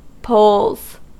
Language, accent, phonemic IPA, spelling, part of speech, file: English, US, /poʊlz/, poles, noun / verb, En-us-poles.ogg
- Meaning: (noun) plural of pole; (verb) third-person singular simple present indicative of pole